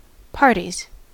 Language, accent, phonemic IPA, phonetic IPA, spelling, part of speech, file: English, US, /ˈpɑɹtiz/, [ˈpɑɹɾiz], parties, noun / verb, En-us-parties.ogg
- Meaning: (noun) 1. plural of party 2. plural of partie (obsolete spelling of party); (verb) third-person singular simple present indicative of party